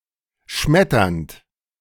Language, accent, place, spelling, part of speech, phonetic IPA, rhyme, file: German, Germany, Berlin, schmetternd, verb, [ˈʃmɛtɐnt], -ɛtɐnt, De-schmetternd.ogg
- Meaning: present participle of schmettern